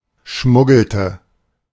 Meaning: inflection of schmuggeln: 1. first/third-person singular preterite 2. first/third-person singular subjunctive II
- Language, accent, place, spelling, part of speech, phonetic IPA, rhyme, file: German, Germany, Berlin, schmuggelte, verb, [ˈʃmʊɡl̩tə], -ʊɡl̩tə, De-schmuggelte.ogg